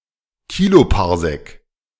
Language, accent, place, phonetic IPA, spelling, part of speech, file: German, Germany, Berlin, [ˈkiːlopaʁˌzɛk], Kiloparsec, noun, De-Kiloparsec.ogg
- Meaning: kiloparsec